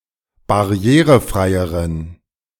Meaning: inflection of barrierefrei: 1. strong genitive masculine/neuter singular comparative degree 2. weak/mixed genitive/dative all-gender singular comparative degree
- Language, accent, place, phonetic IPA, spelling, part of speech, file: German, Germany, Berlin, [baˈʁi̯eːʁəˌfʁaɪ̯əʁən], barrierefreieren, adjective, De-barrierefreieren.ogg